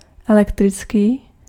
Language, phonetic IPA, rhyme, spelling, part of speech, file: Czech, [ˈɛlɛktrɪt͡skiː], -ɪtskiː, elektrický, adjective, Cs-elektrický.ogg
- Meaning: electric, electrical